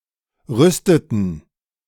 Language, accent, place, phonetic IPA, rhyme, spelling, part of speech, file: German, Germany, Berlin, [ˈʁʏstətn̩], -ʏstətn̩, rüsteten, verb, De-rüsteten.ogg
- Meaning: inflection of rüsten: 1. first/third-person plural preterite 2. first/third-person plural subjunctive II